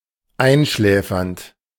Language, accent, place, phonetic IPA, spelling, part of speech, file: German, Germany, Berlin, [ˈaɪ̯nˌʃlɛːfɐnt], einschläfernd, verb, De-einschläfernd.ogg
- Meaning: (verb) present participle of einschläfern; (adjective) soporific, somniferous